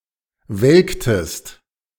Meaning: inflection of welken: 1. second-person singular preterite 2. second-person singular subjunctive II
- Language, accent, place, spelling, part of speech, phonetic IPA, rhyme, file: German, Germany, Berlin, welktest, verb, [ˈvɛlktəst], -ɛlktəst, De-welktest.ogg